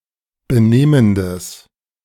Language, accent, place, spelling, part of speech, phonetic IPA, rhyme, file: German, Germany, Berlin, benehmendes, adjective, [bəˈneːməndəs], -eːməndəs, De-benehmendes.ogg
- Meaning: strong/mixed nominative/accusative neuter singular of benehmend